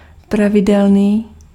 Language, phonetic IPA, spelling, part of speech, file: Czech, [ˈpravɪdɛlniː], pravidelný, adjective, Cs-pravidelný.ogg
- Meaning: 1. regular (with constant frequency) 2. regular